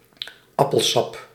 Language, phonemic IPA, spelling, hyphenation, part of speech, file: Dutch, /ˈɑ.pəlˌsɑp/, appelsap, ap‧pel‧sap, noun, Nl-appelsap.ogg
- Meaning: apple juice